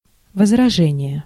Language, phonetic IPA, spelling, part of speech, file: Russian, [vəzrɐˈʐɛnʲɪje], возражение, noun, Ru-возражение.ogg
- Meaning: objection, rejoinder, retort